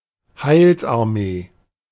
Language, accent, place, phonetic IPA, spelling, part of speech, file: German, Germany, Berlin, [ˈhaɪ̯lsʔaʁˌmeː], Heilsarmee, noun, De-Heilsarmee.ogg
- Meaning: Salvation Army (a Protestant Christian church and an international charitable organisation structured in a quasi-military fashion)